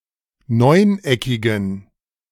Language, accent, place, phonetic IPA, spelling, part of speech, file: German, Germany, Berlin, [ˈnɔɪ̯nˌʔɛkɪɡn̩], neuneckigen, adjective, De-neuneckigen.ogg
- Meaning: inflection of neuneckig: 1. strong genitive masculine/neuter singular 2. weak/mixed genitive/dative all-gender singular 3. strong/weak/mixed accusative masculine singular 4. strong dative plural